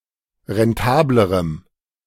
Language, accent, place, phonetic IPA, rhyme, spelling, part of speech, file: German, Germany, Berlin, [ʁɛnˈtaːbləʁəm], -aːbləʁəm, rentablerem, adjective, De-rentablerem.ogg
- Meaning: strong dative masculine/neuter singular comparative degree of rentabel